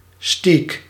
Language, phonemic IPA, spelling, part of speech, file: Dutch, /steːk/, steak, noun, Nl-steak.ogg
- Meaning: steak